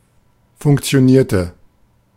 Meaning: inflection of funktionieren: 1. first/third-person singular preterite 2. first/third-person singular subjunctive II
- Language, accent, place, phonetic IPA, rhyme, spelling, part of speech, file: German, Germany, Berlin, [fʊŋkt͡si̯oˈniːɐ̯tə], -iːɐ̯tə, funktionierte, verb, De-funktionierte.ogg